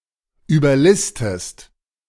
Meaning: inflection of überlisten: 1. second-person singular present 2. second-person singular subjunctive I
- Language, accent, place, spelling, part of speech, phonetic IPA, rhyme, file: German, Germany, Berlin, überlistest, verb, [yːbɐˈlɪstəst], -ɪstəst, De-überlistest.ogg